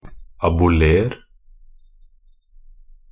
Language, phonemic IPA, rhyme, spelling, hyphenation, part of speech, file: Norwegian Bokmål, /abʊˈleːr/, -eːr, aboler, a‧bo‧ler, verb, Nb-aboler.ogg
- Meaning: imperative of abolere